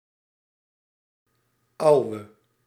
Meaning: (adjective) inflection of oud: 1. masculine/feminine singular attributive 2. definite neuter singular attributive 3. plural attributive; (noun) 1. man, mate 2. father, old man
- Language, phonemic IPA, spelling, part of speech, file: Dutch, /ˈɑu̯(ʋ)ə/, ouwe, adjective / noun, Nl-ouwe.ogg